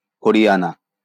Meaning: Haryana (a state in northern India)
- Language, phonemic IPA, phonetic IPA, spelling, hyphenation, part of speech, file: Bengali, /hɔ.ɾi.ja.na/, [hɔ.ɾi.ja.na], হরিয়ানা, হ‧রি‧য়া‧না, proper noun, LL-Q9610 (ben)-হরিয়ানা.wav